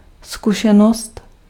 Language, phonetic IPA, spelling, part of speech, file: Czech, [ˈskuʃɛnost], zkušenost, noun, Cs-zkušenost.ogg
- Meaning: experience